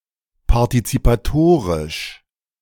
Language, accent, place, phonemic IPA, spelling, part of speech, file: German, Germany, Berlin, /paʁtit͡sipaˈtoːʁɪʃ/, partizipatorisch, adjective, De-partizipatorisch.ogg
- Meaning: participatory